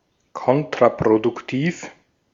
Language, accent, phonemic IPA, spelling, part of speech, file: German, Austria, /ˈkɔntʁapʁodʊkˌtiːf/, kontraproduktiv, adjective, De-at-kontraproduktiv.ogg
- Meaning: counterproductive